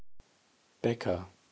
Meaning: a common surname originating as an occupation
- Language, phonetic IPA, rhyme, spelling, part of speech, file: German, [ˈbɛkɐ], -ɛkɐ, Becker, proper noun, De-Becker.ogg